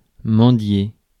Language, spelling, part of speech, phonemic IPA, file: French, mendier, verb, /mɑ̃.dje/, Fr-mendier.ogg
- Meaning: to beg (plead for money or goods)